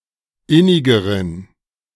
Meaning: inflection of innig: 1. strong genitive masculine/neuter singular comparative degree 2. weak/mixed genitive/dative all-gender singular comparative degree
- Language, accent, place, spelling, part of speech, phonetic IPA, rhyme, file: German, Germany, Berlin, innigeren, adjective, [ˈɪnɪɡəʁən], -ɪnɪɡəʁən, De-innigeren.ogg